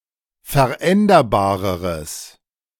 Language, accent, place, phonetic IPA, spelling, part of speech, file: German, Germany, Berlin, [fɛɐ̯ˈʔɛndɐbaːʁəʁəs], veränderbareres, adjective, De-veränderbareres.ogg
- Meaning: strong/mixed nominative/accusative neuter singular comparative degree of veränderbar